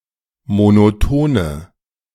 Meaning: inflection of monoton: 1. strong/mixed nominative/accusative feminine singular 2. strong nominative/accusative plural 3. weak nominative all-gender singular 4. weak accusative feminine/neuter singular
- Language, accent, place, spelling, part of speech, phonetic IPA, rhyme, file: German, Germany, Berlin, monotone, adjective, [monoˈtoːnə], -oːnə, De-monotone.ogg